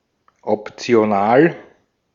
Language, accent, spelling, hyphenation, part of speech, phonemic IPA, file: German, Austria, optional, op‧ti‧o‧nal, adjective, /ɔptsɪ̯oˈnaːl/, De-at-optional.ogg
- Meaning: optional